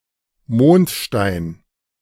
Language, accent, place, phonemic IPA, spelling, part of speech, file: German, Germany, Berlin, /ˈmoːntˌʃtaɪ̯n/, Mondstein, noun, De-Mondstein.ogg
- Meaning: moonstone (translucent gemstone)